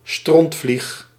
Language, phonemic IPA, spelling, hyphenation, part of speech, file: Dutch, /ˈstrɔnt.flix/, strontvlieg, stront‧vlieg, noun, Nl-strontvlieg.ogg
- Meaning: yellow dungfly, Scathophaga stercoraria